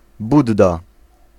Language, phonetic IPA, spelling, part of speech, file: Polish, [ˈbudːa], budda, noun, Pl-budda.ogg